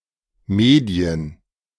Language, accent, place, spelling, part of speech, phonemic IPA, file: German, Germany, Berlin, Medien, noun, /ˈmeːdi̯ən/, De-Medien.ogg
- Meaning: 1. plural of Medium 2. the mediae consonants, 'b', 'd', and 'g'. (e.g. those subject to the Medienverschiebung)